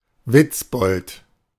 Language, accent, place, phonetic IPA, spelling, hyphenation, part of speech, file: German, Germany, Berlin, [ˈvɪt͡sˌbɔlt], Witzbold, Witz‧bold, noun, De-Witzbold.ogg
- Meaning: joker, jokester (a person who makes jokes), wit